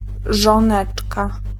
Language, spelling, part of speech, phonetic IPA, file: Polish, żoneczka, noun, [ʒɔ̃ˈnɛt͡ʃka], Pl-żoneczka.ogg